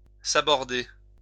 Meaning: 1. to scuttle (a ship) 2. to pull the plug on
- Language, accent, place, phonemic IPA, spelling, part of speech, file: French, France, Lyon, /sa.bɔʁ.de/, saborder, verb, LL-Q150 (fra)-saborder.wav